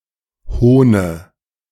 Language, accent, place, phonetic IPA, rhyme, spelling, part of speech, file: German, Germany, Berlin, [ˈhoːnə], -oːnə, Hohne, noun, De-Hohne.ogg
- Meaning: dative of Hohn